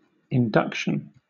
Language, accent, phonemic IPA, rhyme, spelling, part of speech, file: English, Southern England, /ɪnˈdʌkʃən/, -ʌkʃən, induction, noun, LL-Q1860 (eng)-induction.wav
- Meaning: 1. An act of inducting 2. An act of inducting.: A formal ceremony in which a person is appointed to an office or into military service